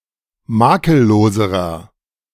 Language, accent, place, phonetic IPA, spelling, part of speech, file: German, Germany, Berlin, [ˈmaːkəlˌloːzəʁɐ], makelloserer, adjective, De-makelloserer.ogg
- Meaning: inflection of makellos: 1. strong/mixed nominative masculine singular comparative degree 2. strong genitive/dative feminine singular comparative degree 3. strong genitive plural comparative degree